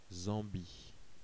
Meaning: Zambia (a country in Southern Africa)
- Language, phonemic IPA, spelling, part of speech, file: French, /zɑ̃.bi/, Zambie, proper noun, Fr-Zambie.ogg